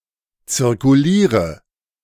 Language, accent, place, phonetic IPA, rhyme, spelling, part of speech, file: German, Germany, Berlin, [t͡sɪʁkuˈliːʁə], -iːʁə, zirkuliere, verb, De-zirkuliere.ogg
- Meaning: inflection of zirkulieren: 1. first-person singular present 2. first/third-person singular subjunctive I 3. singular imperative